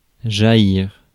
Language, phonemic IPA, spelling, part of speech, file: French, /ʒa.jiʁ/, jaillir, verb, Fr-jaillir.ogg
- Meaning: 1. to spurt out, gush forth 2. to spring out 3. to thrust up, to jut out 4. to emerge from